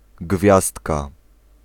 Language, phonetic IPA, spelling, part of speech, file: Polish, [ˈɡvʲjastka], gwiazdka, noun, Pl-gwiazdka.ogg